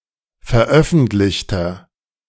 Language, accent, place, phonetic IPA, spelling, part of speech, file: German, Germany, Berlin, [fɛɐ̯ˈʔœfn̩tlɪçtɐ], veröffentlichter, adjective, De-veröffentlichter.ogg
- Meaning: inflection of veröffentlicht: 1. strong/mixed nominative masculine singular 2. strong genitive/dative feminine singular 3. strong genitive plural